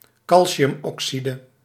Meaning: calcium oxide (quicklime)
- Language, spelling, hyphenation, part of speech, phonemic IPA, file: Dutch, calciumoxide, cal‧ci‧um‧oxi‧de, noun, /ˈkɑl.si.ʏm.ɔkˌsi.də/, Nl-calciumoxide.ogg